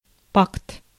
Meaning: pact
- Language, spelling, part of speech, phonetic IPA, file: Russian, пакт, noun, [pakt], Ru-пакт.ogg